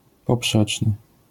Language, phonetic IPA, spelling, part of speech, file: Polish, [pɔˈpʃɛt͡ʃnɨ], poprzeczny, adjective, LL-Q809 (pol)-poprzeczny.wav